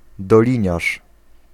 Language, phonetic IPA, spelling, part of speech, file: Polish, [dɔˈlʲĩɲaʃ], doliniarz, noun, Pl-doliniarz.ogg